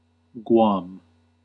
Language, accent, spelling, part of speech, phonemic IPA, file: English, US, Guam, proper noun, /ɡwɑm/, En-us-Guam.ogg
- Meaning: 1. An unincorporated territory of the United States, located in the Pacific Ocean. Official name: Territory of Guam 2. A barangay of San Guillermo, Isabela, Philippines